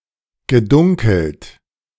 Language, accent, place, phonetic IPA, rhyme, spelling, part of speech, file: German, Germany, Berlin, [ɡəˈdʊŋkl̩t], -ʊŋkl̩t, gedunkelt, verb, De-gedunkelt.ogg
- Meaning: past participle of dunkeln